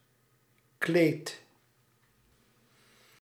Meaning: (noun) 1. cloth 2. long cloth garment, notably: formal robe 3. long cloth garment, notably: female dress 4. rug, mat 5. plumage; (verb) inflection of kleden: first-person singular present indicative
- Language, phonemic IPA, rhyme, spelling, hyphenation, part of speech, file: Dutch, /kleːt/, -eːt, kleed, kleed, noun / verb, Nl-kleed.ogg